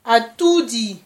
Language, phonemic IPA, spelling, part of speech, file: Malagasy, /aˈtudi/, atody, noun, Mg-atody.ogg
- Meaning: egg